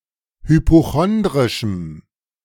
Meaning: strong dative masculine/neuter singular of hypochondrisch
- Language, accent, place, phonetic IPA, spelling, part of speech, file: German, Germany, Berlin, [hypoˈxɔndʁɪʃm̩], hypochondrischem, adjective, De-hypochondrischem.ogg